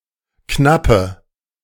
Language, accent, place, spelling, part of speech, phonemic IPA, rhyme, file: German, Germany, Berlin, Knappe, noun, /ˈknapə/, -apə, De-Knappe.ogg
- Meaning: squire